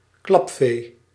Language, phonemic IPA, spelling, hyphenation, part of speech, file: Dutch, /ˈklɑp.feː/, klapvee, klap‧vee, noun, Nl-klapvee.ogg
- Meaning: audience whose only purpose is to applaud